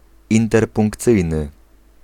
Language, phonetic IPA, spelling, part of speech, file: Polish, [ˌĩntɛrpũŋkˈt͡sɨjnɨ], interpunkcyjny, adjective, Pl-interpunkcyjny.ogg